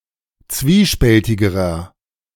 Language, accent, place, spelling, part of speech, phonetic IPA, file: German, Germany, Berlin, zwiespältigerer, adjective, [ˈt͡sviːˌʃpɛltɪɡəʁɐ], De-zwiespältigerer.ogg
- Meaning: inflection of zwiespältig: 1. strong/mixed nominative masculine singular comparative degree 2. strong genitive/dative feminine singular comparative degree 3. strong genitive plural comparative degree